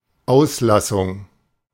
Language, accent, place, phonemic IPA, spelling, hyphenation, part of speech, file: German, Germany, Berlin, /ˈaʊ̯sˌlasʊŋ/, Auslassung, Aus‧las‧sung, noun, De-Auslassung.ogg
- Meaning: 1. omission 2. utterance